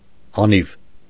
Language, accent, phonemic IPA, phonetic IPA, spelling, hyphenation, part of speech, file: Armenian, Eastern Armenian, /ɑˈniv/, [ɑnív], անիվ, ա‧նիվ, noun, Hy-անիվ.ogg
- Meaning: wheel